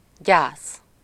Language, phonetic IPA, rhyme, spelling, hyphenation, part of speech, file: Hungarian, [ˈɟaːs], -aːs, gyász, gyász, noun, Hu-gyász.ogg
- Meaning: 1. mourning, bereavement 2. mourning clothes or textile 3. mourning period